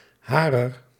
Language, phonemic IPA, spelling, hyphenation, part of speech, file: Dutch, /ˈɦaː.rər/, harer, ha‧rer, determiner / pronoun, Nl-harer.ogg
- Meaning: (determiner) inflection of haar (“she”): 1. genitive feminine/plural 2. dative feminine; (pronoun) genitive of zij (“she, they”)